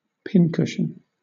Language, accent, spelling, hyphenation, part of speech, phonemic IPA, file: English, Southern England, pincushion, pin‧cush‧ion, noun / verb, /ˈpɪnˌkʊʃn̩/, LL-Q1860 (eng)-pincushion.wav
- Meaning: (noun) A device, originally like a small, stuffed cushion, designed to have sewing pins and needles stuck into it to store them safely; some modern pincushions hold the objects magnetically